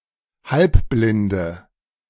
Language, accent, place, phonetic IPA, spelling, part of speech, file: German, Germany, Berlin, [ˈhalpblɪndə], halbblinde, adjective, De-halbblinde.ogg
- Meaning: inflection of halbblind: 1. strong/mixed nominative/accusative feminine singular 2. strong nominative/accusative plural 3. weak nominative all-gender singular